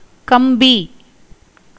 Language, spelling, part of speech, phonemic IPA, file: Tamil, கம்பி, noun, /kɐmbiː/, Ta-கம்பி.ogg
- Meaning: 1. wire 2. bit or a horse's bridle 3. narrow strip along the border of a cloth 4. narrow moulding in a carpenter's or mason's work 5. saltpeter 6. money 7. joist, beam, slender post